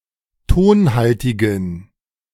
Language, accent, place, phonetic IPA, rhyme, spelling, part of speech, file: German, Germany, Berlin, [ˈtoːnˌhaltɪɡn̩], -oːnhaltɪɡn̩, tonhaltigen, adjective, De-tonhaltigen.ogg
- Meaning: inflection of tonhaltig: 1. strong genitive masculine/neuter singular 2. weak/mixed genitive/dative all-gender singular 3. strong/weak/mixed accusative masculine singular 4. strong dative plural